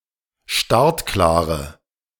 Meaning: inflection of startklar: 1. strong/mixed nominative/accusative feminine singular 2. strong nominative/accusative plural 3. weak nominative all-gender singular
- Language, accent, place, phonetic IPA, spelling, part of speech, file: German, Germany, Berlin, [ˈʃtaʁtˌklaːʁə], startklare, adjective, De-startklare.ogg